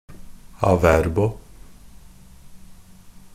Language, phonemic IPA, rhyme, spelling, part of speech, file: Norwegian Bokmål, /aˈʋɛrbɔ/, -ɛrbɔ, a verbo, adverb, NB - Pronunciation of Norwegian Bokmål «a verbo».ogg
- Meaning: the main grammatical forms of a verb